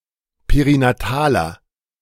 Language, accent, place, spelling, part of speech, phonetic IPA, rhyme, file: German, Germany, Berlin, perinataler, adjective, [peʁinaˈtaːlɐ], -aːlɐ, De-perinataler.ogg
- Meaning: inflection of perinatal: 1. strong/mixed nominative masculine singular 2. strong genitive/dative feminine singular 3. strong genitive plural